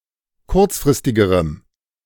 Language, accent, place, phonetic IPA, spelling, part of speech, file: German, Germany, Berlin, [ˈkʊʁt͡sfʁɪstɪɡəʁəm], kurzfristigerem, adjective, De-kurzfristigerem.ogg
- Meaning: strong dative masculine/neuter singular comparative degree of kurzfristig